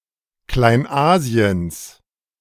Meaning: genitive singular of Kleinasien
- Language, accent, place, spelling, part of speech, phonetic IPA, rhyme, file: German, Germany, Berlin, Kleinasiens, noun, [klaɪ̯nˈʔaːzi̯əns], -aːzi̯əns, De-Kleinasiens.ogg